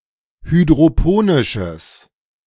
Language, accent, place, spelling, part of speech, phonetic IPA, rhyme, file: German, Germany, Berlin, hydroponisches, adjective, [hydʁoˈpoːnɪʃəs], -oːnɪʃəs, De-hydroponisches.ogg
- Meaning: strong/mixed nominative/accusative neuter singular of hydroponisch